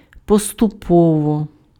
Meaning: gradually, little by little
- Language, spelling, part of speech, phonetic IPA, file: Ukrainian, поступово, adverb, [pɔstʊˈpɔwɔ], Uk-поступово.ogg